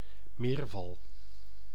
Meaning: catfish
- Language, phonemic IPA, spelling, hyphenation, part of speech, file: Dutch, /ˈmeːr.vɑl/, meerval, meer‧val, noun, Nl-meerval.ogg